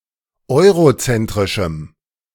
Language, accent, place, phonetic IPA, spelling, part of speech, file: German, Germany, Berlin, [ˈɔɪ̯ʁoˌt͡sɛntʁɪʃm̩], eurozentrischem, adjective, De-eurozentrischem.ogg
- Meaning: strong dative masculine/neuter singular of eurozentrisch